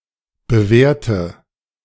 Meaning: inflection of bewerten: 1. first-person singular present 2. first/third-person singular subjunctive I 3. singular imperative
- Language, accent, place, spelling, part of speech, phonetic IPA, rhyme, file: German, Germany, Berlin, bewerte, verb, [bəˈveːɐ̯tə], -eːɐ̯tə, De-bewerte.ogg